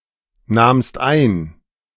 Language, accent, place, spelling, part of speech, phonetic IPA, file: German, Germany, Berlin, nahmst ein, verb, [ˌnaːmst ˈaɪ̯n], De-nahmst ein.ogg
- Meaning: second-person singular preterite of einnehmen